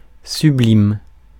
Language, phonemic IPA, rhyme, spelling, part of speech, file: French, /sy.blim/, -im, sublime, adjective / verb, Fr-sublime.ogg
- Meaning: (adjective) sublime, extraordinary; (verb) inflection of sublimer: 1. first/third-person singular present indicative/subjunctive 2. second-person singular imperative